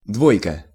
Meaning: 1. two 2. two (out of five), poor; D mark, D grade 3. two, deuce 4. No. 2 (bus, tram, etc.) 5. double, pair (a boat with two rowers) 6. two-piece suit
- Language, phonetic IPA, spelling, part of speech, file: Russian, [ˈdvojkə], двойка, noun, Ru-двойка.ogg